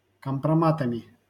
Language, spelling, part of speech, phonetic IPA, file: Russian, компроматами, noun, [kəmprɐˈmatəmʲɪ], LL-Q7737 (rus)-компроматами.wav
- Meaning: instrumental plural of компрома́т (kompromát)